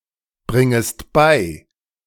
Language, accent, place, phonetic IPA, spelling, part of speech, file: German, Germany, Berlin, [ˌbʁɪŋəst ˈbaɪ̯], bringest bei, verb, De-bringest bei.ogg
- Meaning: second-person singular subjunctive I of beibringen